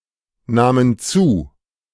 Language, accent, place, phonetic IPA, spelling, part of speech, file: German, Germany, Berlin, [ˌnaːmən ˈt͡suː], nahmen zu, verb, De-nahmen zu.ogg
- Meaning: first/third-person plural preterite of zunehmen